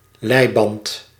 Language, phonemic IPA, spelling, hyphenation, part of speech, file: Dutch, /ˈlɛi̯.bɑnt/, leiband, lei‧band, noun, Nl-leiband.ogg
- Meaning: 1. a leash (for animals) 2. short leash, control, restraint